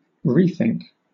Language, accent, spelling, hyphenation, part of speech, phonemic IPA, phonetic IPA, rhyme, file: English, Southern England, rethink, re‧think, noun, /ˈɹiːθɪŋk/, [ˈɹʷɪi̯θɪŋk], -ɪŋk, LL-Q1860 (eng)-rethink.wav
- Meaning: The act of thinking again about something